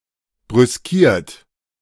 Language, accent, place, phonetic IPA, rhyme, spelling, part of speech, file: German, Germany, Berlin, [bʁʏsˈkiːɐ̯t], -iːɐ̯t, brüskiert, verb, De-brüskiert.ogg
- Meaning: 1. past participle of brüskieren 2. inflection of brüskieren: third-person singular present 3. inflection of brüskieren: second-person plural present 4. inflection of brüskieren: plural imperative